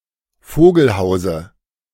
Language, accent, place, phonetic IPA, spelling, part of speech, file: German, Germany, Berlin, [ˈfoːɡl̩ˌhaʊ̯zə], Vogelhause, noun, De-Vogelhause.ogg
- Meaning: dative of Vogelhaus